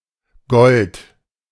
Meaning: gold (chemical element, Au)
- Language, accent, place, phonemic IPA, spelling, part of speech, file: German, Germany, Berlin, /ɡɔlt/, Gold, noun, De-Gold.ogg